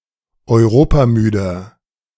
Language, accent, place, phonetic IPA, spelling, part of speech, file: German, Germany, Berlin, [ɔɪ̯ˈʁoːpaˌmyːdɐ], europamüder, adjective, De-europamüder.ogg
- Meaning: 1. comparative degree of europamüde 2. inflection of europamüde: strong/mixed nominative masculine singular 3. inflection of europamüde: strong genitive/dative feminine singular